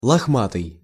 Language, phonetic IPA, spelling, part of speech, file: Russian, [ɫɐxˈmatɨj], лохматый, adjective, Ru-лохматый.ogg
- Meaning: 1. shaggy (of animals) 2. shaggy-haired, dishevelled, tousled